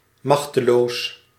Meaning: powerless
- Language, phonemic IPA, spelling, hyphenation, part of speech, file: Dutch, /ˈmɑx.təˌloːs/, machteloos, mach‧te‧loos, adjective, Nl-machteloos.ogg